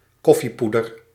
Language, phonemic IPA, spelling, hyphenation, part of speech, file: Dutch, /ˈkɔfiˌpudər/, koffiepoeder, kof‧fie‧poe‧der, noun, Nl-koffiepoeder.ogg
- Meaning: instant coffee